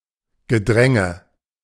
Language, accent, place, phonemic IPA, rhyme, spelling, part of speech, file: German, Germany, Berlin, /ɡəˈdʁɛŋə/, -ɛŋə, Gedränge, noun, De-Gedränge.ogg
- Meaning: 1. crowd 2. hustle 3. jostle 4. pushing and shoving